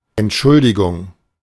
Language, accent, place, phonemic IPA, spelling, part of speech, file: German, Germany, Berlin, /ɛntˈʃʊldiɡʊŋ/, Entschuldigung, noun / interjection, De-Entschuldigung.ogg
- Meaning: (noun) 1. apology (expression of remorse or regret) 2. excuse (explanation designed to avoid or alleviate guilt or negative judgment) 3. note (written excusal for being late or absent from school)